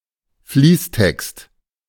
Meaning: running text; the text of an article without headers, tables, etc
- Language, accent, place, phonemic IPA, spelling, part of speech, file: German, Germany, Berlin, /ˈfliːstɛkst/, Fließtext, noun, De-Fließtext.ogg